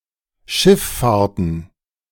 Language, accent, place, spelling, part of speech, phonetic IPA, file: German, Germany, Berlin, Schifffahrten, noun, [ˈʃɪfˌfaːɐ̯tn̩], De-Schifffahrten.ogg
- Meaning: plural of Schifffahrt